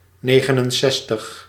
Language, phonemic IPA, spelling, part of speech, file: Dutch, /ˈneːɣənənˌsɛstəx/, negenenzestig, numeral, Nl-negenenzestig.ogg
- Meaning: sixty-nine